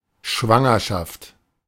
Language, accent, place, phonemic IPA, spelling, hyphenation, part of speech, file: German, Germany, Berlin, /ˈʃvaŋɐʃaft/, Schwangerschaft, Schwan‧ger‧schaft, noun, De-Schwangerschaft.ogg
- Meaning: pregnancy